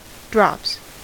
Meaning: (noun) plural of drop; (verb) third-person singular simple present indicative of drop
- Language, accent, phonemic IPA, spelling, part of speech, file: English, US, /dɹɑps/, drops, noun / verb, En-us-drops.ogg